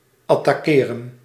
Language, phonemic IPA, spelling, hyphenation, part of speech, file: Dutch, /ɑtaːˈkeːrə(n)/, attaqueren, at‧ta‧que‧ren, verb, Nl-attaqueren.ogg
- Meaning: to attack, to assault